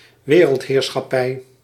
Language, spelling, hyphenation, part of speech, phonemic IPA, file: Dutch, wereldheerschappij, we‧reld‧heer‧schap‧pij, noun, /ˈʋeː.rəlt.ɦeːr.sxɑˌpɛi̯/, Nl-wereldheerschappij.ogg
- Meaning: world domination